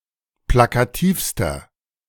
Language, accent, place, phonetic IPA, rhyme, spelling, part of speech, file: German, Germany, Berlin, [ˌplakaˈtiːfstɐ], -iːfstɐ, plakativster, adjective, De-plakativster.ogg
- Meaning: inflection of plakativ: 1. strong/mixed nominative masculine singular superlative degree 2. strong genitive/dative feminine singular superlative degree 3. strong genitive plural superlative degree